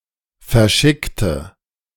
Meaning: inflection of verschicken: 1. first/third-person singular preterite 2. first/third-person singular subjunctive II
- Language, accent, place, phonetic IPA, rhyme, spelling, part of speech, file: German, Germany, Berlin, [fɛɐ̯ˈʃɪktə], -ɪktə, verschickte, adjective / verb, De-verschickte.ogg